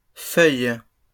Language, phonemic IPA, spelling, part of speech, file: French, /fœj/, feuilles, noun, LL-Q150 (fra)-feuilles.wav
- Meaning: plural of feuille